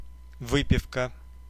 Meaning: 1. drinking session, party, booze-up 2. drinks, booze
- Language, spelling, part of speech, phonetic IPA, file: Russian, выпивка, noun, [ˈvɨpʲɪfkə], Ru-выпивка.ogg